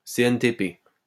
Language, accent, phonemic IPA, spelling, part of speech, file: French, France, /se.ɛn.te.pe/, CNTP, noun, LL-Q150 (fra)-CNTP.wav
- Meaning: initialism of conditions normales de température et de pression (“STP”)